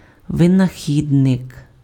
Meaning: inventor
- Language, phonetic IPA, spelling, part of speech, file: Ukrainian, [ʋenɐˈxʲidnek], винахідник, noun, Uk-винахідник.ogg